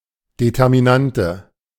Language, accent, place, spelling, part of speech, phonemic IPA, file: German, Germany, Berlin, Determinante, noun, /ˌdetɛʁmiˈnantə/, De-Determinante.ogg
- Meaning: determinant